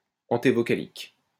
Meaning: prevocalic
- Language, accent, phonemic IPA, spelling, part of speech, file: French, France, /ɑ̃.te.vɔ.ka.lik/, antévocalique, adjective, LL-Q150 (fra)-antévocalique.wav